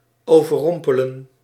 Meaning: to overwhelm
- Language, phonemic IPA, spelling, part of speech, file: Dutch, /ˌoː.vəˈrɔm.pə.lə(n)/, overrompelen, verb, Nl-overrompelen.ogg